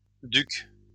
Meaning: plural of duc
- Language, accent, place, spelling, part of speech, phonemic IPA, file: French, France, Lyon, ducs, noun, /dyk/, LL-Q150 (fra)-ducs.wav